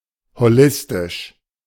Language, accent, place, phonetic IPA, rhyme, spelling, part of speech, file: German, Germany, Berlin, [hoˈlɪstɪʃ], -ɪstɪʃ, holistisch, adjective, De-holistisch.ogg
- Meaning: holistic